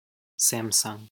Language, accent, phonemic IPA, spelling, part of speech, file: English, US, /ˈsæm.sʌŋ/, Samsung, proper noun / noun, En-us-Samsung.ogg
- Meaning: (proper noun) A South Korean conglomerate company which manufactures electronics and ships; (noun) A consumer electronic device manufactured by the South Korean conglomerate company Samsung